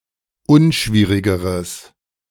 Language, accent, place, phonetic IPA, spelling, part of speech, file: German, Germany, Berlin, [ˈʊnˌʃviːʁɪɡəʁəs], unschwierigeres, adjective, De-unschwierigeres.ogg
- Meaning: strong/mixed nominative/accusative neuter singular comparative degree of unschwierig